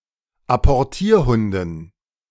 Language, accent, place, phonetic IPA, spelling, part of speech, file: German, Germany, Berlin, [apɔʁˈtiːɐ̯ˌhʊndn̩], Apportierhunden, noun, De-Apportierhunden.ogg
- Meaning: dative plural of Apportierhund